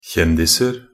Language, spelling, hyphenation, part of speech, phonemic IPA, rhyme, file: Norwegian Bokmål, kjendiser, kjen‧dis‧er, noun, /ˈçɛndɪsər/, -ər, Nb-kjendiser.ogg
- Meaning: indefinite plural of kjendis